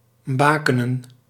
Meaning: 1. to place beacons around 2. to visibly mark
- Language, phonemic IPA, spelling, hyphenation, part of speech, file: Dutch, /ˈbaːkənə(n)/, bakenen, ba‧ke‧nen, verb, Nl-bakenen.ogg